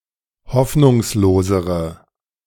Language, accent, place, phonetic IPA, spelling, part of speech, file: German, Germany, Berlin, [ˈhɔfnʊŋsloːzəʁə], hoffnungslosere, adjective, De-hoffnungslosere.ogg
- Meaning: inflection of hoffnungslos: 1. strong/mixed nominative/accusative feminine singular comparative degree 2. strong nominative/accusative plural comparative degree